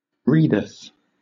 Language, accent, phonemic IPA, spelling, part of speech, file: English, Southern England, /ˈɹiːdəθ/, readeth, verb, LL-Q1860 (eng)-readeth.wav
- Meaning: third-person singular simple present indicative of read